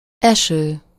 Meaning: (verb) present participle of esik; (noun) rain
- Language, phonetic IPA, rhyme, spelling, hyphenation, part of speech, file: Hungarian, [ˈɛʃøː], -ʃøː, eső, eső, verb / noun, Hu-eső.ogg